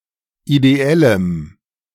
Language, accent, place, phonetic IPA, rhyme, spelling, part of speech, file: German, Germany, Berlin, [ideˈɛləm], -ɛləm, ideellem, adjective, De-ideellem.ogg
- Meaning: strong dative masculine/neuter singular of ideell